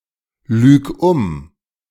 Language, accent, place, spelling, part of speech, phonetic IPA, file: German, Germany, Berlin, lüg um, verb, [ˌlyːk ˈʊm], De-lüg um.ogg
- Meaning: singular imperative of umlügen